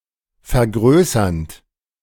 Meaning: present participle of vergrößern
- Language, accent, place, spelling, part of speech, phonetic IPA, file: German, Germany, Berlin, vergrößernd, verb, [fɛɐ̯ˈɡʁøːsɐnt], De-vergrößernd.ogg